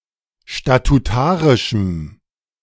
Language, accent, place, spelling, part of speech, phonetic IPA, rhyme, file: German, Germany, Berlin, statutarischem, adjective, [ʃtatuˈtaːʁɪʃm̩], -aːʁɪʃm̩, De-statutarischem.ogg
- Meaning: strong dative masculine/neuter singular of statutarisch